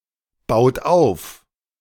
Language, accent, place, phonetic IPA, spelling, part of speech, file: German, Germany, Berlin, [ˌbaʊ̯t ˈaʊ̯f], baut auf, verb, De-baut auf.ogg
- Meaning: inflection of aufbauen: 1. second-person plural present 2. third-person singular present 3. plural imperative